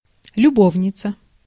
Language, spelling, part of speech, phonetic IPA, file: Russian, любовница, noun, [lʲʊˈbovnʲɪt͡sə], Ru-любовница.ogg
- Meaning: female equivalent of любо́вник (ljubóvnik): mistress, lover